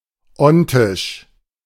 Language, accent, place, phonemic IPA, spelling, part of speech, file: German, Germany, Berlin, /ˈɔntɪʃ/, ontisch, adjective, De-ontisch.ogg
- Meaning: ontic